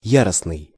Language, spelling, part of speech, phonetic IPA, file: Russian, яростный, adjective, [ˈjarəsnɨj], Ru-яростный.ogg
- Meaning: furious, fierce, violent, frantic